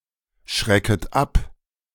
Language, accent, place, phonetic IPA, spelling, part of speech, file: German, Germany, Berlin, [ˌʃʁɛkət ˈap], schrecket ab, verb, De-schrecket ab.ogg
- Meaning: second-person plural subjunctive I of abschrecken